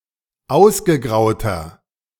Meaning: inflection of ausgegraut: 1. strong/mixed nominative masculine singular 2. strong genitive/dative feminine singular 3. strong genitive plural
- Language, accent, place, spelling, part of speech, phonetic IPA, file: German, Germany, Berlin, ausgegrauter, adjective, [ˈaʊ̯sɡəˌɡʁaʊ̯tɐ], De-ausgegrauter.ogg